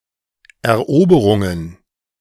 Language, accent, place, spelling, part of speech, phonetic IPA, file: German, Germany, Berlin, Eroberungen, noun, [ɛɐ̯ˈʔoːbəʁʊŋən], De-Eroberungen.ogg
- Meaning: plural of Eroberung